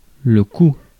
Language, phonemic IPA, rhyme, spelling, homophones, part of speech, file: French, /ku/, -u, coup, cou / coud / couds / coups / cous / coût / coûts, noun, Fr-coup.ogg
- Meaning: 1. blow, hit, strike: sound of the action 2. blow, hit, strike: physical consequences of the action (marks) 3. fast and instantaneous action 4. load, shot 5. bit (small quantity) 6. planned action